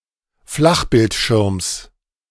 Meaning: genitive singular of Flachbildschirm
- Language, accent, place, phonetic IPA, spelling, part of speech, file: German, Germany, Berlin, [ˈflaxbɪltˌʃɪʁms], Flachbildschirms, noun, De-Flachbildschirms.ogg